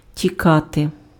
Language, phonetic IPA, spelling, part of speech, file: Ukrainian, [tʲiˈkate], тікати, verb, Uk-тікати.ogg
- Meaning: to run away, to flee